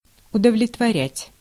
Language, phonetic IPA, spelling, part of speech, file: Russian, [ʊdəvlʲɪtvɐˈrʲætʲ], удовлетворять, verb, Ru-удовлетворять.ogg
- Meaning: 1. to satisfy 2. to fulfill 3. to gratify 4. to suffice